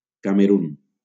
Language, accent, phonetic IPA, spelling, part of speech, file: Catalan, Valencia, [ka.meˈɾun], Camerun, proper noun, LL-Q7026 (cat)-Camerun.wav
- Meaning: Cameroon (a country in Central Africa)